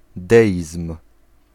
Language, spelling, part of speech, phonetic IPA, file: Polish, deizm, noun, [ˈdɛʲism̥], Pl-deizm.ogg